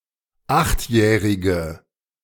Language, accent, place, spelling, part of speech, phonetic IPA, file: German, Germany, Berlin, achtjährige, adjective, [ˈaxtˌjɛːʁɪɡə], De-achtjährige.ogg
- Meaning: inflection of achtjährig: 1. strong/mixed nominative/accusative feminine singular 2. strong nominative/accusative plural 3. weak nominative all-gender singular